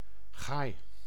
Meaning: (noun) 1. jaybird (Garrulus glandarius), a woodland corvine species 2. a wooden, somewhat bird-shaped target, often ornamented with bright plumes, used in archery competitions
- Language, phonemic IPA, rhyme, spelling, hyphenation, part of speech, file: Dutch, /ˈɣaːi̯/, -aːi̯, gaai, gaai, noun / adjective, Nl-gaai.ogg